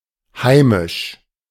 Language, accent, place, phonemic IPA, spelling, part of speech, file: German, Germany, Berlin, /ˈhaɪ̯mɪʃ/, heimisch, adjective, De-heimisch.ogg
- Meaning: 1. domestic (internal to a specific nation or region) 2. homely (characteristic of or belonging to the home; domestic)